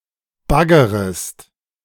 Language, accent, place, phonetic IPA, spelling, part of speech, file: German, Germany, Berlin, [ˈbaɡəʁəst], baggerest, verb, De-baggerest.ogg
- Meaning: second-person singular subjunctive I of baggern